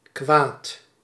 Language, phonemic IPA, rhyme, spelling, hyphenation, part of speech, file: Dutch, /kʋaːt/, -aːt, kwaad, kwaad, adjective / noun, Nl-kwaad.ogg
- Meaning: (adjective) 1. angry, furious 2. bad, evil, crooked; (noun) 1. evil 2. harm